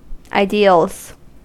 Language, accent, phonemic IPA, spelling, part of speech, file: English, US, /aɪˈdi.əlz/, ideals, noun, En-us-ideals.ogg
- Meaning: plural of ideal